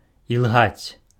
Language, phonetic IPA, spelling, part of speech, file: Belarusian, [jiɫˈɣat͡sʲ], ілгаць, verb, Be-ілгаць.ogg
- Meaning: to lie, to tell lies